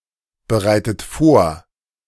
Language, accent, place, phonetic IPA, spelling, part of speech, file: German, Germany, Berlin, [bəˌʁaɪ̯tət ˈfoːɐ̯], bereitet vor, verb, De-bereitet vor.ogg
- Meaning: inflection of vorbereiten: 1. third-person singular present 2. second-person plural present 3. second-person plural subjunctive I 4. plural imperative